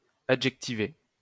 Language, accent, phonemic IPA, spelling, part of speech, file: French, France, /a.dʒɛk.ti.ve/, adjectiver, verb, LL-Q150 (fra)-adjectiver.wav
- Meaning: to adjectivize